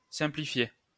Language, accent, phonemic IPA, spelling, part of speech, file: French, France, /sɛ̃.pli.fje/, simplifier, verb, LL-Q150 (fra)-simplifier.wav
- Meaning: to simplify